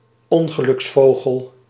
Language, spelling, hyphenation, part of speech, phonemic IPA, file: Dutch, ongeluksvogel, on‧ge‧luks‧vo‧gel, noun, /ˈɔŋɣəlʏksˌfoɣəl/, Nl-ongeluksvogel.ogg
- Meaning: a human jinx, unlucky person, who seems to attract bad luck